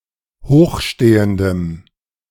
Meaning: strong dative masculine/neuter singular of hochstehend
- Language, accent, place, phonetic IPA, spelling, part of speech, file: German, Germany, Berlin, [ˈhoːxˌʃteːəndəm], hochstehendem, adjective, De-hochstehendem.ogg